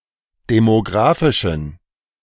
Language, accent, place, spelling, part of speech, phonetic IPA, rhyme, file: German, Germany, Berlin, demografischen, adjective, [demoˈɡʁaːfɪʃn̩], -aːfɪʃn̩, De-demografischen.ogg
- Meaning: inflection of demografisch: 1. strong genitive masculine/neuter singular 2. weak/mixed genitive/dative all-gender singular 3. strong/weak/mixed accusative masculine singular 4. strong dative plural